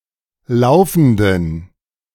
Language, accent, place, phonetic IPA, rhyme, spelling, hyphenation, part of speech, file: German, Germany, Berlin, [ˈlaʊ̯fn̩dən], -aʊ̯fn̩dən, laufenden, lau‧fen‧den, adjective, De-laufenden.ogg
- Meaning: inflection of laufend: 1. strong genitive masculine/neuter singular 2. weak/mixed genitive/dative all-gender singular 3. strong/weak/mixed accusative masculine singular 4. strong dative plural